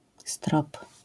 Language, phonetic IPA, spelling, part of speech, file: Polish, [strɔp], strop, noun / verb, LL-Q809 (pol)-strop.wav